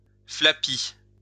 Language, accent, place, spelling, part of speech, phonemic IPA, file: French, France, Lyon, flapi, adjective, /fla.pi/, LL-Q150 (fra)-flapi.wav
- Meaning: dog-tired, knackered